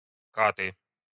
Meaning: inflection of кат (kat): 1. nominative plural 2. inanimate accusative plural
- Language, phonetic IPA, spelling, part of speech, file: Russian, [ˈkatɨ], каты, noun, Ru-каты.ogg